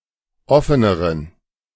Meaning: inflection of offen: 1. strong genitive masculine/neuter singular comparative degree 2. weak/mixed genitive/dative all-gender singular comparative degree
- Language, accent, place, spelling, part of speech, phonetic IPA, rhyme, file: German, Germany, Berlin, offeneren, adjective, [ˈɔfənəʁən], -ɔfənəʁən, De-offeneren.ogg